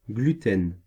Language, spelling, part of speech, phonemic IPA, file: French, gluten, noun, /ɡly.tɛn/, Fr-gluten.ogg
- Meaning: gluten